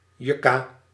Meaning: yucca, evergreen of the genus Yucca
- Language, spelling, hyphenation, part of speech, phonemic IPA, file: Dutch, yucca, yuc‧ca, noun, /ˈju.kaː/, Nl-yucca.ogg